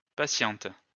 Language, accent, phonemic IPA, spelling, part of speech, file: French, France, /pa.sjɑ̃t/, patiente, adjective / noun / verb, LL-Q150 (fra)-patiente.wav
- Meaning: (adjective) feminine singular of patient; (noun) female equivalent of patient; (verb) inflection of patienter: first/third-person singular present indicative/subjunctive